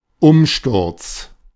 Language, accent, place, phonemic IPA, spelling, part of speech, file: German, Germany, Berlin, /ˈʊmˌʃtʊʁt͡s/, Umsturz, noun, De-Umsturz.ogg
- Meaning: 1. overthrow 2. putsch, coup d'état